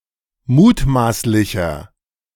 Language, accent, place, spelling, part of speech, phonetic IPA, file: German, Germany, Berlin, mutmaßlicher, adjective, [ˈmuːtˌmaːslɪçɐ], De-mutmaßlicher.ogg
- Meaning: inflection of mutmaßlich: 1. strong/mixed nominative masculine singular 2. strong genitive/dative feminine singular 3. strong genitive plural